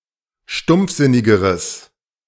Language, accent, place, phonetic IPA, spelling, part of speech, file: German, Germany, Berlin, [ˈʃtʊmp͡fˌzɪnɪɡəʁəs], stumpfsinnigeres, adjective, De-stumpfsinnigeres.ogg
- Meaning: strong/mixed nominative/accusative neuter singular comparative degree of stumpfsinnig